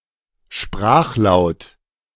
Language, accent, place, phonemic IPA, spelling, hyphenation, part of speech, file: German, Germany, Berlin, /ˈʃpʁaːxˌlaʊ̯t/, Sprachlaut, Sprach‧laut, noun, De-Sprachlaut.ogg
- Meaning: phone